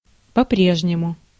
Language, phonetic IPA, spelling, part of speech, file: Russian, [pɐ‿ˈprʲeʐnʲɪmʊ], по-прежнему, adverb, Ru-по-прежнему.ogg
- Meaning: as before, (still) as usual, still